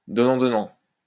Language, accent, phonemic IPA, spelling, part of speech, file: French, France, /dɔ.nɑ̃ dɔ.nɑ̃/, donnant donnant, phrase, LL-Q150 (fra)-donnant donnant.wav
- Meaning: fair's fair, give and take